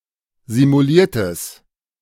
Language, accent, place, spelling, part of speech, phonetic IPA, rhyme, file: German, Germany, Berlin, simuliertes, adjective, [zimuˈliːɐ̯təs], -iːɐ̯təs, De-simuliertes.ogg
- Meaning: strong/mixed nominative/accusative neuter singular of simuliert